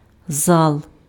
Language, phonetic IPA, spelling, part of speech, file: Ukrainian, [zaɫ], зал, noun, Uk-зал.ogg
- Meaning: 1. hall 2. genitive plural of за́ла (zála)